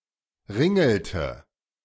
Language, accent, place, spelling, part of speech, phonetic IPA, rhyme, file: German, Germany, Berlin, ringelte, verb, [ˈʁɪŋl̩tə], -ɪŋl̩tə, De-ringelte.ogg
- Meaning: inflection of ringeln: 1. first/third-person singular preterite 2. first/third-person singular subjunctive II